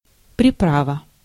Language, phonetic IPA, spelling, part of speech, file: Russian, [prʲɪˈpravə], приправа, noun, Ru-приправа.ogg
- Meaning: seasoning, relish, condiment, flavouring/flavoring (something used to enhance flavor)